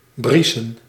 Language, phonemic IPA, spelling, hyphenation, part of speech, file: Dutch, /ˈbrisə(n)/, briesen, brie‧sen, verb, Nl-briesen.ogg
- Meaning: to snort (such as a horse or a pig)